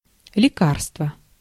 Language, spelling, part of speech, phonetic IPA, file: Russian, лекарство, noun, [lʲɪˈkarstvə], Ru-лекарство.ogg
- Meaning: medicine, drug (substance which promotes healing)